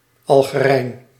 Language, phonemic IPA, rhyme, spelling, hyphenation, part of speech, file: Dutch, /ˌɑl.ɣəˈrɛi̯n/, -ɛi̯n, Algerijn, Al‧ge‧rijn, noun, Nl-Algerijn.ogg
- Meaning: Algerian (person from Algeria or of Algerian heritage)